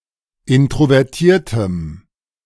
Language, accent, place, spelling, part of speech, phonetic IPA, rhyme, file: German, Germany, Berlin, introvertiertem, adjective, [ˌɪntʁovɛʁˈtiːɐ̯təm], -iːɐ̯təm, De-introvertiertem.ogg
- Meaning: strong dative masculine/neuter singular of introvertiert